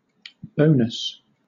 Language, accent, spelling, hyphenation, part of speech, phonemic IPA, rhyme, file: English, Southern England, bonus, bo‧nus, noun / verb, /ˈbəʊ.nəs/, -əʊnəs, LL-Q1860 (eng)-bonus.wav
- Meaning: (noun) 1. Something extra that is good; an added benefit 2. An extra sum given as a premium, e.g. to an employee or to a shareholder